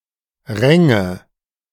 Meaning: first/third-person singular subjunctive II of ringen
- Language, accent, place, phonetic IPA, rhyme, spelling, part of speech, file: German, Germany, Berlin, [ˈʁɛŋə], -ɛŋə, ränge, verb, De-ränge.ogg